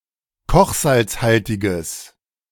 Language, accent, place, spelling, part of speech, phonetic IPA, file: German, Germany, Berlin, kochsalzhaltiges, adjective, [ˈkɔxzalt͡sˌhaltɪɡəs], De-kochsalzhaltiges.ogg
- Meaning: strong/mixed nominative/accusative neuter singular of kochsalzhaltig